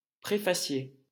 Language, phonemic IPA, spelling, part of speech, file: French, /pʁe.fa.sje/, préfacier, noun, LL-Q150 (fra)-préfacier.wav
- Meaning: author of a preface